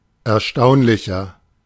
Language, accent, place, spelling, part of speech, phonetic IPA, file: German, Germany, Berlin, erstaunlicher, adjective, [ɛɐ̯ˈʃtaʊ̯nlɪçɐ], De-erstaunlicher.ogg
- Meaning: 1. comparative degree of erstaunlich 2. inflection of erstaunlich: strong/mixed nominative masculine singular 3. inflection of erstaunlich: strong genitive/dative feminine singular